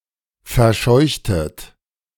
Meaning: inflection of verscheuchen: 1. second-person plural preterite 2. second-person plural subjunctive II
- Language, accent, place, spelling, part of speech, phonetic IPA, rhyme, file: German, Germany, Berlin, verscheuchtet, verb, [fɛɐ̯ˈʃɔɪ̯çtət], -ɔɪ̯çtət, De-verscheuchtet.ogg